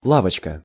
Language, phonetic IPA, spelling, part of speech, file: Russian, [ˈɫavət͡ɕkə], лавочка, noun, Ru-лавочка.ogg
- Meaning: 1. diminutive of ла́вка (lávka): (small) bench; (small) shop/store, kiosk 2. gang, clique; shady concern